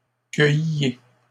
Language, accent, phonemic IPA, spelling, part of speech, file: French, Canada, /kœj.je/, cueilliez, verb, LL-Q150 (fra)-cueilliez.wav
- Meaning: inflection of cueillir: 1. second-person plural imperfect indicative 2. second-person plural present subjunctive